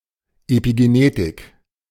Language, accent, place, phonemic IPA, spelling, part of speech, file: German, Germany, Berlin, /epiɡeˈneːtɪk/, Epigenetik, noun, De-Epigenetik.ogg
- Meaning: epigenetics (the study of the processes involved in the genetic development of an organism, especially the activation and deactivation of genes)